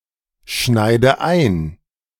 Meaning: inflection of einschneiden: 1. first-person singular present 2. first/third-person singular subjunctive I 3. singular imperative
- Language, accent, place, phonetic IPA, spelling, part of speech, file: German, Germany, Berlin, [ˌʃnaɪ̯də ˈaɪ̯n], schneide ein, verb, De-schneide ein.ogg